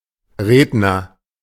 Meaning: speaker (one who makes a speech)
- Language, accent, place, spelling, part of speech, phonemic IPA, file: German, Germany, Berlin, Redner, noun, /ˈreːdnər/, De-Redner.ogg